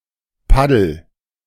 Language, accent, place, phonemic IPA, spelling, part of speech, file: German, Germany, Berlin, /ˈpadl̩/, Paddel, noun, De-Paddel.ogg
- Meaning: paddle